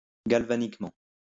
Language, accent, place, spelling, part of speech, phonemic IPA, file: French, France, Lyon, galvaniquement, adverb, /ɡal.va.nik.mɑ̃/, LL-Q150 (fra)-galvaniquement.wav
- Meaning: galvanically